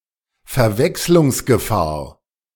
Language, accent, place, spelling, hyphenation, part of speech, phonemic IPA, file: German, Germany, Berlin, Verwechslungsgefahr, Ver‧wechs‧lungs‧ge‧fahr, noun, /fɛʁˈvɛkslʊŋsɡəˌfaːɐ̯/, De-Verwechslungsgefahr.ogg
- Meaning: danger of confusion